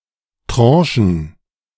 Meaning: plural of Tranche
- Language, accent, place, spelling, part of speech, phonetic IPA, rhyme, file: German, Germany, Berlin, Tranchen, noun, [ˈtʁɑ̃ːʃn̩], -ɑ̃ːʃn̩, De-Tranchen.ogg